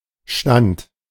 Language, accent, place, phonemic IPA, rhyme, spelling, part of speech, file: German, Germany, Berlin, /ʃtant/, -ant, Stand, noun, De-Stand.ogg
- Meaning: 1. standing, state, status, position, situation 2. class, stratum (group of people with a certain social status) 3. estate 4. booth, stand 5. canton (state of Switzerland)